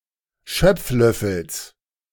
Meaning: genitive singular of Schöpflöffel
- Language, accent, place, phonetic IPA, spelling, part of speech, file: German, Germany, Berlin, [ˈʃœp͡fˌlœfl̩s], Schöpflöffels, noun, De-Schöpflöffels.ogg